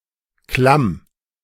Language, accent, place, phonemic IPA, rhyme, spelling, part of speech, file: German, Germany, Berlin, /klam/, -am, Klamm, noun, De-Klamm.ogg
- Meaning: ravine (valley or gorge worn by running water)